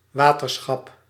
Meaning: water board, government structure for water management: separate level of government directly responsible for water management
- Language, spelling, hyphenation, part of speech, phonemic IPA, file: Dutch, waterschap, wa‧ter‧schap, noun, /ˈʋaː.tərˌsxɑp/, Nl-waterschap.ogg